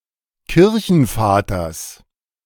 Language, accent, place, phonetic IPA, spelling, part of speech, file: German, Germany, Berlin, [ˈkɪʁçn̩ˌfaːtɐs], Kirchenvaters, noun, De-Kirchenvaters.ogg
- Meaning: genitive of Kirchenvater